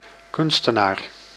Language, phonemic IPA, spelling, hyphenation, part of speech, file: Dutch, /ˈkʏn.stə.naːr/, kunstenaar, kun‧ste‧naar, noun, Nl-kunstenaar.ogg
- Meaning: artist